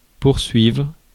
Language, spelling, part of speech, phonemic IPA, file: French, poursuivre, verb, /puʁ.sɥivʁ/, Fr-poursuivre.ogg
- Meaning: 1. to pursue, to chase 2. to pursue, to persecute, to torment 3. to carry on, to continue what has been started 4. to sue 5. to continue 6. to chase after each other